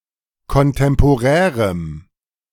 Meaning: strong dative masculine/neuter singular of kontemporär
- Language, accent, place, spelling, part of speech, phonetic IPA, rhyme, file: German, Germany, Berlin, kontemporärem, adjective, [kɔnˌtɛmpoˈʁɛːʁəm], -ɛːʁəm, De-kontemporärem.ogg